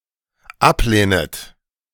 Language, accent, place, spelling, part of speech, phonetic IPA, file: German, Germany, Berlin, ablehnet, verb, [ˈapˌleːnət], De-ablehnet.ogg
- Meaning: second-person plural dependent subjunctive I of ablehnen